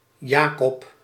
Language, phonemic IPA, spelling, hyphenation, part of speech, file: Dutch, /ˈjaː.kɔp/, Jakob, Ja‧kob, proper noun, Nl-Jakob.ogg
- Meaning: 1. Jacob (Old Testament figure) 2. a male given name, variant of Jacob